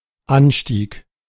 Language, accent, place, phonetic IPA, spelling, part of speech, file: German, Germany, Berlin, [ˈanˌʃtiːk], Anstieg, noun, De-Anstieg.ogg
- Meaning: 1. increase, rise, surge 2. ascent 3. slope